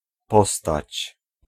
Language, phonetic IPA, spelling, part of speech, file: Polish, [ˈpɔstat͡ɕ], postać, noun / verb, Pl-postać.ogg